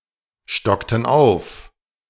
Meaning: inflection of aufstocken: 1. first/third-person plural preterite 2. first/third-person plural subjunctive II
- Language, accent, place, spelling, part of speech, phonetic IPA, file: German, Germany, Berlin, stockten auf, verb, [ˌʃtɔktn̩ ˈaʊ̯f], De-stockten auf.ogg